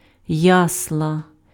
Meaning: 1. manger 2. nursery, crèche (daytime institution caring for toddlers)
- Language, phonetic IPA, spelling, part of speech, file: Ukrainian, [ˈjasɫɐ], ясла, noun, Uk-ясла.ogg